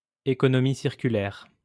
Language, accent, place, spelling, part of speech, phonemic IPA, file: French, France, Lyon, économie circulaire, noun, /e.kɔ.nɔ.mi siʁ.ky.lɛʁ/, LL-Q150 (fra)-économie circulaire.wav
- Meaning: circular economy